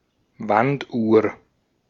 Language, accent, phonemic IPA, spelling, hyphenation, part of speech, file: German, Austria, /ˈvantˌʔuːɐ̯/, Wanduhr, Wand‧uhr, noun, De-at-Wanduhr.ogg
- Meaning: wall clock